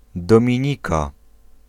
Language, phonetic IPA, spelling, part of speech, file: Polish, [ˌdɔ̃mʲĩˈɲika], Dominika, proper noun / noun, Pl-Dominika.ogg